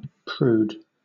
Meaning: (noun) A person who is or tries to be excessively proper, especially one who is easily offended by matters of a sexual nature; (adjective) Prudish
- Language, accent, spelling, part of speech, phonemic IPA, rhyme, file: English, Southern England, prude, noun / adjective, /pɹuːd/, -uːd, LL-Q1860 (eng)-prude.wav